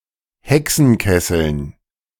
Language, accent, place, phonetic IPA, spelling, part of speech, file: German, Germany, Berlin, [ˈhɛksn̩ˌkɛsl̩n], Hexenkesseln, noun, De-Hexenkesseln.ogg
- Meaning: dative plural of Hexenkessel